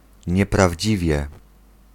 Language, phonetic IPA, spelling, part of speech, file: Polish, [ˌɲɛpravʲˈd͡ʑivʲjɛ], nieprawdziwie, adverb, Pl-nieprawdziwie.ogg